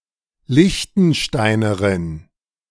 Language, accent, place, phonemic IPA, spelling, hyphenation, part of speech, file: German, Germany, Berlin, /ˈlɪçtn̩ˌʃtaɪ̯nəʁɪn/, Liechtensteinerin, Liech‧ten‧stei‧ne‧rin, noun, De-Liechtensteinerin.ogg
- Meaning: female equivalent of Liechtensteiner